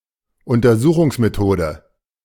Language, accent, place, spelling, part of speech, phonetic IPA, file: German, Germany, Berlin, Untersuchungsmethode, noun, [ʊntɐˈzuːxʊŋsmeˌtoːdə], De-Untersuchungsmethode.ogg
- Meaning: method of investigation